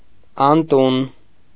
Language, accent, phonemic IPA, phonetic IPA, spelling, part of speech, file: Armenian, Eastern Armenian, /ɑnˈtun/, [ɑntún], անտուն, adjective, Hy-անտուն.ogg
- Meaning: homeless